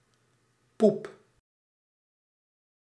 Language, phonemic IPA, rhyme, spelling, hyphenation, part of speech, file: Dutch, /pup/, -up, poep, poep, noun / verb, Nl-poep.ogg
- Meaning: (noun) 1. a fart 2. shit 3. very 4. a vessel's stern 5. a butt, bottom, behind, rear-end, hiney, tush; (verb) inflection of poepen: first-person singular present indicative